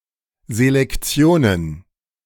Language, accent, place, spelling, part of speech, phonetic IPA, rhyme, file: German, Germany, Berlin, Selektionen, noun, [zelekˈt͡si̯oːnən], -oːnən, De-Selektionen.ogg
- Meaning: plural of Selektion